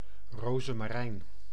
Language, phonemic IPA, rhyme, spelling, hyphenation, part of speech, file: Dutch, /ˌroː.zə.maːˈrɛi̯n/, -ɛi̯n, rozemarijn, ro‧ze‧ma‧rijn, noun, Nl-rozemarijn.ogg
- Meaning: 1. rosemary plant (Salvia rosmarinus syn. Rosmarinus officinalis) 2. rosemary; the plant's aromatic leaves, used as a culinary spice (often still on the branch) and in perfume